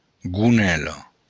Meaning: skirt
- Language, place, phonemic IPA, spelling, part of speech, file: Occitan, Béarn, /ɡuˈnɛlo/, gonèla, noun, LL-Q14185 (oci)-gonèla.wav